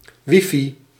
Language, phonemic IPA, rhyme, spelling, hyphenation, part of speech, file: Dutch, /ˈʋi.fi/, -i, wifi, wi‧fi, noun, Nl-wifi.ogg
- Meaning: Wi-Fi